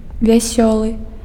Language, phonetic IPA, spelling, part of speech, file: Belarusian, [vʲaˈsʲoɫɨ], вясёлы, adjective, Be-вясёлы.ogg
- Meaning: happy, merry, joyful